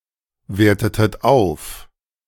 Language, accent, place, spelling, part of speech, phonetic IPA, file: German, Germany, Berlin, wertetet auf, verb, [ˌveːɐ̯tətət ˈaʊ̯f], De-wertetet auf.ogg
- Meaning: inflection of aufwerten: 1. second-person plural preterite 2. second-person plural subjunctive II